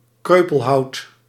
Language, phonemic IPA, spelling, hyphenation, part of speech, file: Dutch, /ˈkrøː.pəlˌɦɑu̯t/, kreupelhout, kreu‧pel‧hout, noun, Nl-kreupelhout.ogg
- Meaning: undergrowth, brushwood